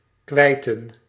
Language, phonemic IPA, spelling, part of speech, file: Dutch, /kʋɛɪtə(n)/, kwijten, verb, Nl-kwijten.ogg
- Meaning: 1. to lose 2. to quit 3. to acquit oneself (of some job or task)